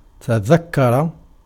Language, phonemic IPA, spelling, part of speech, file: Arabic, /ta.ðak.ka.ra/, تذكر, verb, Ar-تذكر.ogg
- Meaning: 1. to remember, to bear in mind 2. to take heed